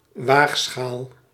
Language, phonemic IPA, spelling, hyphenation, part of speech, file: Dutch, /ˈʋaːx.sxaːl/, waagschaal, waag‧schaal, noun, Nl-waagschaal.ogg
- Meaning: 1. risk, risky situation or condition(s) 2. archaic form of weegschaal